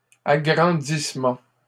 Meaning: enlargement
- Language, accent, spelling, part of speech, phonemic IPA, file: French, Canada, agrandissement, noun, /a.ɡʁɑ̃.dis.mɑ̃/, LL-Q150 (fra)-agrandissement.wav